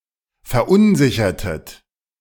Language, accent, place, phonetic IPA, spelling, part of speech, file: German, Germany, Berlin, [fɛɐ̯ˈʔʊnˌzɪçɐtət], verunsichertet, verb, De-verunsichertet.ogg
- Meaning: inflection of verunsichern: 1. second-person plural preterite 2. second-person plural subjunctive II